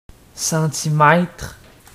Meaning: centimetre
- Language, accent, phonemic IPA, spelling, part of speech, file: French, Quebec, /sɑ̃.ti.mɛtʁ/, centimètre, noun, Qc-centimètre.ogg